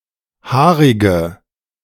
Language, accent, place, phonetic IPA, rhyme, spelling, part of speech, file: German, Germany, Berlin, [ˈhaːʁɪɡə], -aːʁɪɡə, haarige, adjective, De-haarige.ogg
- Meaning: inflection of haarig: 1. strong/mixed nominative/accusative feminine singular 2. strong nominative/accusative plural 3. weak nominative all-gender singular 4. weak accusative feminine/neuter singular